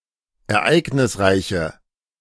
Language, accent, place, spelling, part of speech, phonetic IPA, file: German, Germany, Berlin, ereignisreiche, adjective, [ɛɐ̯ˈʔaɪ̯ɡnɪsˌʁaɪ̯çə], De-ereignisreiche.ogg
- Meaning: inflection of ereignisreich: 1. strong/mixed nominative/accusative feminine singular 2. strong nominative/accusative plural 3. weak nominative all-gender singular